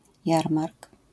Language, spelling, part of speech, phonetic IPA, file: Polish, jarmark, noun, [ˈjarmark], LL-Q809 (pol)-jarmark.wav